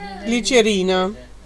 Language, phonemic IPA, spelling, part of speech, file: Italian, /ˈɡli.tʃe.ˈri.na/, glicerina, noun, It-glicerina.ogg